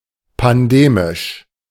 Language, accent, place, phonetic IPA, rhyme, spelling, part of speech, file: German, Germany, Berlin, [panˈdeːmɪʃ], -eːmɪʃ, pandemisch, adjective, De-pandemisch.ogg
- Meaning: pandemic